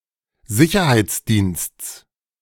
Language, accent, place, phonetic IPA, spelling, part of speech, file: German, Germany, Berlin, [ˈzɪçɐhaɪ̯t͡sˌdiːnst͡s], Sicherheitsdiensts, noun, De-Sicherheitsdiensts.ogg
- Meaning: genitive singular of Sicherheitsdienst